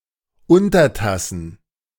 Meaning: plural of Untertasse
- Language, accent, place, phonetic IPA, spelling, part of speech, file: German, Germany, Berlin, [ˈʊntɐˌtasn̩], Untertassen, noun, De-Untertassen.ogg